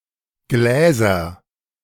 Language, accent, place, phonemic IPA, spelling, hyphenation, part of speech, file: German, Germany, Berlin, /ˈɡleːzɐ/, Gläser, Glä‧ser, noun, De-Gläser2.ogg
- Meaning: nominative/accusative/genitive plural of Glas